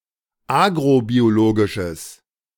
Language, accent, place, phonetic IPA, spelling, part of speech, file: German, Germany, Berlin, [ˈaːɡʁobioˌloːɡɪʃəs], agrobiologisches, adjective, De-agrobiologisches.ogg
- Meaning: strong/mixed nominative/accusative neuter singular of agrobiologisch